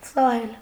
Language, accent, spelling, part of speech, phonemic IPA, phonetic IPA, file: Armenian, Eastern Armenian, սահել, verb, /sɑˈhel/, [sɑhél], Hy-սահել.ogg
- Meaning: to slide, glide, skid